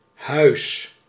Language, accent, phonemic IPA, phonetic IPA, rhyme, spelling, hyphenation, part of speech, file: Dutch, Netherlands, /ɦœy̯s/, [ɦɜʏ̯s̠], -œy̯s, huis, huis, noun / verb, Nl-huis.ogg
- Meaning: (noun) 1. a house, home; residence 2. an adjoining building with a separate function 3. a genealogical house, such as a dynasty 4. a house or chamber in a legislative assembly